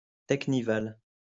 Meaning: teknival
- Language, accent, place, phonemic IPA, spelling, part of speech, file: French, France, Lyon, /tɛk.ni.val/, teknival, noun, LL-Q150 (fra)-teknival.wav